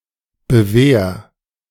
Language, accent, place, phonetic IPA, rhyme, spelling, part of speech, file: German, Germany, Berlin, [bəˈveːɐ̯], -eːɐ̯, bewehr, verb, De-bewehr.ogg
- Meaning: 1. singular imperative of bewehren 2. first-person singular present of bewehren